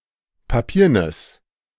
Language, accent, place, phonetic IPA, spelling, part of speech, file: German, Germany, Berlin, [paˈpiːɐ̯nəs], papiernes, adjective, De-papiernes.ogg
- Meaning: strong/mixed nominative/accusative neuter singular of papieren